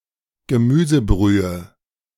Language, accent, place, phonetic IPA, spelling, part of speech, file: German, Germany, Berlin, [ɡəˈmyːzəˌbʁyːə], Gemüsebrühe, noun, De-Gemüsebrühe.ogg
- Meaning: vegetable broth/stock